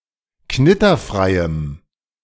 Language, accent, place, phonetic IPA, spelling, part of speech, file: German, Germany, Berlin, [ˈknɪtɐˌfʁaɪ̯əm], knitterfreiem, adjective, De-knitterfreiem.ogg
- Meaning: strong dative masculine/neuter singular of knitterfrei